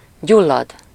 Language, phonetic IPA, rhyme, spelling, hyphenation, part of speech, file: Hungarian, [ˈɟulːɒd], -ɒd, gyullad, gyul‧lad, verb, Hu-gyullad.ogg
- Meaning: 1. to catch fire 2. to inflame